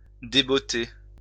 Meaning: to remove the boots of
- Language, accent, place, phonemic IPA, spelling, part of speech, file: French, France, Lyon, /de.bɔ.te/, débotter, verb, LL-Q150 (fra)-débotter.wav